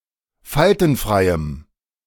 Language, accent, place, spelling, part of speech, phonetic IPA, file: German, Germany, Berlin, faltenfreiem, adjective, [ˈfaltn̩ˌfʁaɪ̯əm], De-faltenfreiem.ogg
- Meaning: strong dative masculine/neuter singular of faltenfrei